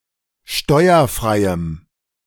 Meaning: strong dative masculine/neuter singular of steuerfrei
- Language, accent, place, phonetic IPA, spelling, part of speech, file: German, Germany, Berlin, [ˈʃtɔɪ̯ɐˌfʁaɪ̯əm], steuerfreiem, adjective, De-steuerfreiem.ogg